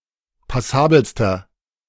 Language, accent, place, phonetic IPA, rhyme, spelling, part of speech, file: German, Germany, Berlin, [paˈsaːbl̩stɐ], -aːbl̩stɐ, passabelster, adjective, De-passabelster.ogg
- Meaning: inflection of passabel: 1. strong/mixed nominative masculine singular superlative degree 2. strong genitive/dative feminine singular superlative degree 3. strong genitive plural superlative degree